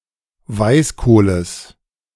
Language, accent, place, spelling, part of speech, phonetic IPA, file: German, Germany, Berlin, Weißkohles, noun, [ˈvaɪ̯sˌkoːləs], De-Weißkohles.ogg
- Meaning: genitive of Weißkohl